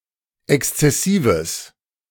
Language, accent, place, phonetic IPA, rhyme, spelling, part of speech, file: German, Germany, Berlin, [ˌɛkst͡sɛˈsiːvəs], -iːvəs, exzessives, adjective, De-exzessives.ogg
- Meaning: strong/mixed nominative/accusative neuter singular of exzessiv